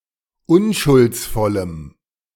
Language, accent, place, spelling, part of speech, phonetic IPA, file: German, Germany, Berlin, unschuldsvollem, adjective, [ˈʊnʃʊlt͡sˌfɔləm], De-unschuldsvollem.ogg
- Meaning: strong dative masculine/neuter singular of unschuldsvoll